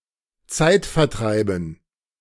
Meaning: dative plural of Zeitvertreib
- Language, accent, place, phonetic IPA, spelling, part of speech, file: German, Germany, Berlin, [ˈt͡saɪ̯tfɛɐ̯ˌtʁaɪ̯bn̩], Zeitvertreiben, noun, De-Zeitvertreiben.ogg